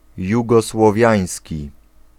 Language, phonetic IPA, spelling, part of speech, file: Polish, [ˌjuɡɔswɔˈvʲjä̃j̃sʲci], jugosłowiański, adjective, Pl-jugosłowiański.ogg